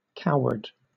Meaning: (noun) A person who lacks courage; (adjective) 1. Cowardly 2. Borne in the escutcheon with his tail doubled between his legs; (verb) To intimidate
- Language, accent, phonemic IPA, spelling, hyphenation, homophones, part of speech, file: English, Southern England, /ˈkaʊəd/, coward, co‧ward, covered / cowered, noun / adjective / verb, LL-Q1860 (eng)-coward.wav